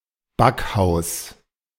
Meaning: bakehouse
- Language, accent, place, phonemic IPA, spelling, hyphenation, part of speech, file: German, Germany, Berlin, /ˈbakˌhaʊ̯s/, Backhaus, Back‧haus, noun, De-Backhaus.ogg